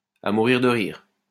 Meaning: sidesplitting, hilarious
- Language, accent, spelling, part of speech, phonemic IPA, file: French, France, à mourir de rire, adjective, /a mu.ʁiʁ də ʁiʁ/, LL-Q150 (fra)-à mourir de rire.wav